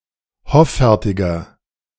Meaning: inflection of hoffärtig: 1. strong/mixed nominative masculine singular 2. strong genitive/dative feminine singular 3. strong genitive plural
- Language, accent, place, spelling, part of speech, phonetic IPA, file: German, Germany, Berlin, hoffärtiger, adjective, [ˈhɔfɛʁtɪɡɐ], De-hoffärtiger.ogg